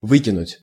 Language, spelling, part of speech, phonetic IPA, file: Russian, выкинуть, verb, [ˈvɨkʲɪnʊtʲ], Ru-выкинуть.ogg
- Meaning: 1. to throw away, to discard, to dispose of, to chuck out 2. to strand 3. to have a miscarriage, to miscarry 4. to hoist (a flag) 5. to throw (a tantrum, a mischief)